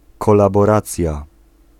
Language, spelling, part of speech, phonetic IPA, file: Polish, kolaboracja, noun, [ˌkɔlabɔˈrat͡sʲja], Pl-kolaboracja.ogg